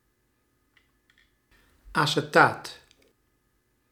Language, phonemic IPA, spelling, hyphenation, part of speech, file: Dutch, /ɑsəˈtaːt/, acetaat, ace‧taat, noun, Nl-acetaat.ogg
- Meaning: acetate